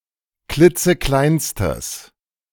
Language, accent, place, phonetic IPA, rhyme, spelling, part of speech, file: German, Germany, Berlin, [ˈklɪt͡səˈklaɪ̯nstəs], -aɪ̯nstəs, klitzekleinstes, adjective, De-klitzekleinstes.ogg
- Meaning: strong/mixed nominative/accusative neuter singular superlative degree of klitzeklein